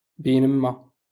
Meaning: while
- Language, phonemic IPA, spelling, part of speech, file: Moroccan Arabic, /biː.nɪm.ma/, بينما, conjunction, LL-Q56426 (ary)-بينما.wav